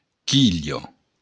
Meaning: 1. skittle 2. keel
- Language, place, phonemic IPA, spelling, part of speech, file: Occitan, Béarn, /ˈki.ʎɒ/, quilha, noun, LL-Q14185 (oci)-quilha.wav